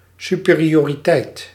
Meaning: superiority
- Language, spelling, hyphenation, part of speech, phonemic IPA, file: Dutch, superioriteit, su‧pe‧ri‧o‧ri‧teit, noun, /ˌsy.peː.ri.oː.riˈtɛi̯t/, Nl-superioriteit.ogg